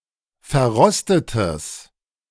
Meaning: strong/mixed nominative/accusative neuter singular of verrostet
- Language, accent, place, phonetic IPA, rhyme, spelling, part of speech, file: German, Germany, Berlin, [fɛɐ̯ˈʁɔstətəs], -ɔstətəs, verrostetes, adjective, De-verrostetes.ogg